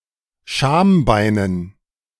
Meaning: dative plural of Schambein
- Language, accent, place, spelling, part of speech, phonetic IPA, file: German, Germany, Berlin, Schambeinen, noun, [ˈʃaːmˌbaɪ̯nən], De-Schambeinen.ogg